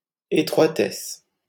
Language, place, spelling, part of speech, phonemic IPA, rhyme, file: French, Paris, étroitesse, noun, /e.tʁwa.tɛs/, -ɛs, LL-Q150 (fra)-étroitesse.wav
- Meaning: narrowness